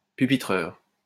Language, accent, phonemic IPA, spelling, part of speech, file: French, France, /py.pi.tʁœʁ/, pupitreur, noun, LL-Q150 (fra)-pupitreur.wav
- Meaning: operator